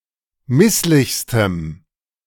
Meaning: strong dative masculine/neuter singular superlative degree of misslich
- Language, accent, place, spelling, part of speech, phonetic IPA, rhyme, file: German, Germany, Berlin, misslichstem, adjective, [ˈmɪslɪçstəm], -ɪslɪçstəm, De-misslichstem.ogg